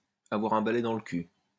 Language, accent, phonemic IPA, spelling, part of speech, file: French, France, /a.vwaʁ œ̃ ba.lɛ dɑ̃ l(ə) ky/, avoir un balai dans le cul, verb, LL-Q150 (fra)-avoir un balai dans le cul.wav
- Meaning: to have a stick up one's ass, to have a pole up one's ass, to be stuck-up